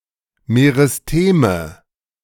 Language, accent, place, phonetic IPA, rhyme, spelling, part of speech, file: German, Germany, Berlin, [meʁɪsˈteːmə], -eːmə, Meristeme, noun, De-Meristeme.ogg
- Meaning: nominative/accusative/genitive plural of Meristem